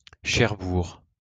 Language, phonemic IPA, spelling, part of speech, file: French, /ʃɛʁ.buʁ/, Cherbourg, proper noun, LL-Q150 (fra)-Cherbourg.wav
- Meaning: Cherbourg, Cherbourg-en-Cotentin (a city in Manche department, Normandy, France)